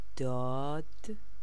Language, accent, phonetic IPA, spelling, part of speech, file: Persian, Iran, [d̪ɒːd̪̥], داد, noun / verb, Fa-داد.ogg
- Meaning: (noun) 1. justice, equity 2. shout, yell 3. redress of grievances 4. complaint, lamentation (under oppression); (verb) past stem of دادن